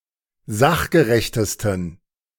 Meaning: 1. superlative degree of sachgerecht 2. inflection of sachgerecht: strong genitive masculine/neuter singular superlative degree
- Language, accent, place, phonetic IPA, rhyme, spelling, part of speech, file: German, Germany, Berlin, [ˈzaxɡəʁɛçtəstn̩], -axɡəʁɛçtəstn̩, sachgerechtesten, adjective, De-sachgerechtesten.ogg